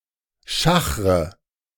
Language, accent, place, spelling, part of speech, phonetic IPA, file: German, Germany, Berlin, schachre, verb, [ˈʃaxʁə], De-schachre.ogg
- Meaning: inflection of schachern: 1. first-person singular present 2. first/third-person singular subjunctive I 3. singular imperative